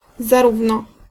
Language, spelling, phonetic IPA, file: Polish, zarówno, [zaˈruvnɔ], Pl-zarówno.ogg